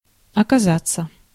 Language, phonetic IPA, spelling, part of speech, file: Russian, [ɐkɐˈzat͡sːə], оказаться, verb, Ru-оказаться.ogg
- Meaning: 1. to turn out, to be found, to prove (to be) 2. to find oneself 3. to be found 4. in expressions